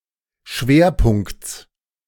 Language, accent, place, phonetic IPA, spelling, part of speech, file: German, Germany, Berlin, [ˈʃveːɐ̯ˌpʊŋkt͡s], Schwerpunkts, noun, De-Schwerpunkts.ogg
- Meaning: genitive singular of Schwerpunkt